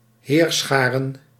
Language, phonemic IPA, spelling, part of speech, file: Dutch, /ˈhersχarə(n)/, heerscharen, noun, Nl-heerscharen.ogg
- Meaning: plural of heerschare